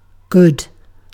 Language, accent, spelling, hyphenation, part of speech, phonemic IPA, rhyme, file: English, Received Pronunciation, good, good, adjective / interjection / adverb / noun / verb, /ɡʊd/, -ʊd, En-uk-good.ogg
- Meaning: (adjective) Of a person or an animal: 1. Acting in the interest of what is beneficial, ethical, or moral 2. Competent or talented